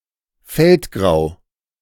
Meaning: feldgrau
- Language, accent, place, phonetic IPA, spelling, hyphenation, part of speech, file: German, Germany, Berlin, [ˈfɛltˌɡʁaʊ̯], Feldgrau, Feld‧grau, noun, De-Feldgrau.ogg